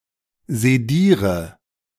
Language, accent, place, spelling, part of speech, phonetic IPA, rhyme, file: German, Germany, Berlin, sediere, verb, [zeˈdiːʁə], -iːʁə, De-sediere.ogg
- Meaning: inflection of sedieren: 1. first-person singular present 2. first/third-person singular subjunctive I 3. singular imperative